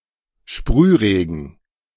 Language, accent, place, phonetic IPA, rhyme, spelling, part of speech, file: German, Germany, Berlin, [ˈʃpʁyːˌʁeːɡn̩], -yːʁeːɡn̩, Sprühregen, noun, De-Sprühregen.ogg
- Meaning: drizzle